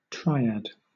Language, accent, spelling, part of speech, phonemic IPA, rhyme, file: English, Southern England, triad, noun, /ˈtɹaɪ.æd/, -aɪæd, LL-Q1860 (eng)-triad.wav
- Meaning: 1. A grouping of three 2. A grouping of three.: A romantic or sexual relationship between three individuals; a throuple 3. A word of three syllables